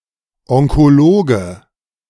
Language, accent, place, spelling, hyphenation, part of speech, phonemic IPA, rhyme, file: German, Germany, Berlin, Onkologe, On‧ko‧lo‧ge, noun, /ˌɔŋkoˈloːɡə/, -oːɡə, De-Onkologe.ogg
- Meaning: oncologist (male or of unspecified gender)